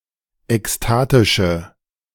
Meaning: inflection of ekstatisch: 1. strong/mixed nominative/accusative feminine singular 2. strong nominative/accusative plural 3. weak nominative all-gender singular
- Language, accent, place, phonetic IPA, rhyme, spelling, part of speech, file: German, Germany, Berlin, [ɛksˈtaːtɪʃə], -aːtɪʃə, ekstatische, adjective, De-ekstatische.ogg